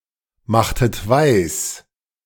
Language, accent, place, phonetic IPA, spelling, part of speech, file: German, Germany, Berlin, [ˌmaxtət ˈvaɪ̯s], machtet weis, verb, De-machtet weis.ogg
- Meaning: inflection of weismachen: 1. second-person plural preterite 2. second-person plural subjunctive II